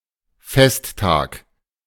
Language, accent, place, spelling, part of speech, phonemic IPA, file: German, Germany, Berlin, Festtag, noun, /ˈfɛstˌtaːk/, De-Festtag.ogg
- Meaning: 1. a (religious) holiday 2. feast day (a day in which a saint's life is commemorated and in which God is praised for working through that person's life by His grace) 3. a holiday (in general)